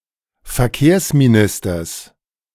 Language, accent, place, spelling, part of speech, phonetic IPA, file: German, Germany, Berlin, Verkehrsministers, noun, [fɛɐ̯ˈkeːɐ̯smiˌnɪstɐs], De-Verkehrsministers.ogg
- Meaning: genitive singular of Verkehrsminister